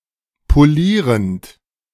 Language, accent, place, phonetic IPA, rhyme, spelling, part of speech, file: German, Germany, Berlin, [poˈliːʁənt], -iːʁənt, polierend, verb, De-polierend.ogg
- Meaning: present participle of polieren